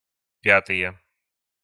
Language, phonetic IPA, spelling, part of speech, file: Russian, [ˈpʲatɨje], пятые, noun, Ru-пятые.ogg
- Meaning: nominative/accusative plural of пя́тая (pjátaja)